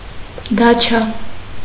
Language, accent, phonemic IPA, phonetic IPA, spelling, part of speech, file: Armenian, Eastern Armenian, /dɑˈt͡ʃʰɑ/, [dɑt͡ʃʰɑ́], դաչա, noun, Hy-դաչա.ogg
- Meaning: dacha